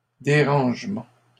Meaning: disturbance, inconvenience, disruption, trouble, bother
- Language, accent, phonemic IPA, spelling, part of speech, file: French, Canada, /de.ʁɑ̃ʒ.mɑ̃/, dérangement, noun, LL-Q150 (fra)-dérangement.wav